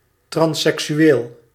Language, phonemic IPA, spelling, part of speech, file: Dutch, /ˌtrɑnsɛksyˈwel/, transseksueel, noun / adjective, Nl-transseksueel.ogg
- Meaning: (adjective) transsexual; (noun) a transsexual